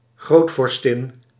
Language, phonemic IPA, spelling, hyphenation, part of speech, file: Dutch, /ˈɣroːt.fɔrˌstɪn/, grootvorstin, groot‧vor‧stin, noun, Nl-grootvorstin.ogg
- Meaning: grand duchess